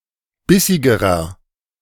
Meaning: inflection of bissig: 1. strong/mixed nominative masculine singular comparative degree 2. strong genitive/dative feminine singular comparative degree 3. strong genitive plural comparative degree
- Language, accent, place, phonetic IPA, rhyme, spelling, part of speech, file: German, Germany, Berlin, [ˈbɪsɪɡəʁɐ], -ɪsɪɡəʁɐ, bissigerer, adjective, De-bissigerer.ogg